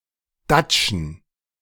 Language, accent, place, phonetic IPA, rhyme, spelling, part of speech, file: German, Germany, Berlin, [ˈdat͡ʃn̩], -at͡ʃn̩, Datschen, noun, De-Datschen.ogg
- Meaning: plural of Datsche